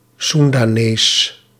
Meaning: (noun) Sundanese person; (proper noun) Sundanese, the Sundanese language; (adjective) Sundanese; pertaining to Sunda, the Sundanese people or the Sundanese language
- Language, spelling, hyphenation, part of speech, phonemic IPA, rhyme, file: Dutch, Soendanees, Soen‧da‧nees, noun / proper noun / adjective, /ˌsun.daːˈneːs/, -eːs, Nl-Soendanees.ogg